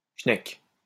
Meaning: alternative spelling of chnek
- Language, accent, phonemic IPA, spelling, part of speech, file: French, France, /ʃnɛk/, schneck, noun, LL-Q150 (fra)-schneck.wav